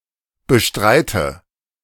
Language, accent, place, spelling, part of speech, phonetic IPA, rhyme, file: German, Germany, Berlin, bestreite, verb, [bəˈʃtʁaɪ̯tə], -aɪ̯tə, De-bestreite.ogg
- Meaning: inflection of bestreiten: 1. first-person singular present 2. first/third-person singular subjunctive I 3. singular imperative